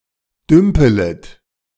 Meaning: second-person plural subjunctive I of dümpeln
- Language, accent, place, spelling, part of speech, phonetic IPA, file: German, Germany, Berlin, dümpelet, verb, [ˈdʏmpələt], De-dümpelet.ogg